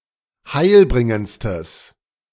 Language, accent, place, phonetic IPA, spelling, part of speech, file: German, Germany, Berlin, [ˈhaɪ̯lˌbʁɪŋənt͡stəs], heilbringendstes, adjective, De-heilbringendstes.ogg
- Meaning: strong/mixed nominative/accusative neuter singular superlative degree of heilbringend